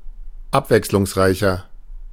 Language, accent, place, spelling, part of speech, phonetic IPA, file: German, Germany, Berlin, abwechslungsreicher, adjective, [ˈapvɛkslʊŋsˌʁaɪ̯çɐ], De-abwechslungsreicher.ogg
- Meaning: 1. comparative degree of abwechslungsreich 2. inflection of abwechslungsreich: strong/mixed nominative masculine singular 3. inflection of abwechslungsreich: strong genitive/dative feminine singular